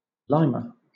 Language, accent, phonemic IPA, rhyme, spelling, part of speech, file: English, Southern England, /ˈlaɪmə/, -aɪmə, lima, noun, LL-Q1860 (eng)-lima.wav
- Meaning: 1. Lima bean (the plant, Phaseolus lunatus) 2. Lima bean (the fruit of the plant)